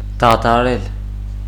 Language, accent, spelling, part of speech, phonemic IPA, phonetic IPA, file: Armenian, Eastern Armenian, դադարել, verb, /dɑtʰɑˈɾel/, [dɑtʰɑɾél], Hy-դադարել.ogg
- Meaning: 1. to end, to stop 2. to pause, to interrupt 3. to halt, to stop, to reject 4. to rest